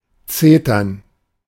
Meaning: to express dissatisfaction; to nag; to scold
- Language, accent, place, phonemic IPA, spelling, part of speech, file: German, Germany, Berlin, /ˈtseː.tɐn/, zetern, verb, De-zetern.ogg